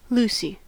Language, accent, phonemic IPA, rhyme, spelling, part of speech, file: English, General American, /ˈlusi/, -uːsi, Lucy, proper noun / noun, En-us-Lucy.ogg
- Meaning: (proper noun) 1. A female given name from Latin 2. A surname from Old French derived from place names in Normandy based on a male personal name, from Latin Lucius